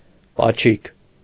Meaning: diminutive of պաչ (pačʻ): short kiss, peck
- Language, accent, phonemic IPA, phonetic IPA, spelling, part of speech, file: Armenian, Eastern Armenian, /pɑˈt͡ʃʰik/, [pɑt͡ʃʰík], պաչիկ, noun, Hy-պաչիկ.ogg